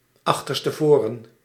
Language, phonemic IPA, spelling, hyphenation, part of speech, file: Dutch, /ˌɑx.tər.stəˈvoː.rə(n)/, achterstevoren, ach‧ter‧ste‧vo‧ren, adverb, Nl-achterstevoren.ogg
- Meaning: backwards, backwards-facing